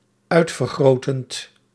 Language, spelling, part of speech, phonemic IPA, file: Dutch, uitvergrotend, verb, /ˈœy̯tfərˌɣroːtənt/, Nl-uitvergrotend.ogg
- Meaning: present participle of uitvergroten